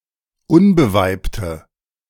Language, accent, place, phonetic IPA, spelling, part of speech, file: German, Germany, Berlin, [ˈʊnbəˌvaɪ̯ptə], unbeweibte, adjective, De-unbeweibte.ogg
- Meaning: inflection of unbeweibt: 1. strong/mixed nominative/accusative feminine singular 2. strong nominative/accusative plural 3. weak nominative all-gender singular